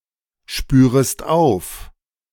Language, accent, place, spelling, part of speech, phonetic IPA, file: German, Germany, Berlin, spürest auf, verb, [ˌʃpyːʁəst ˈaʊ̯f], De-spürest auf.ogg
- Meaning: second-person singular subjunctive I of aufspüren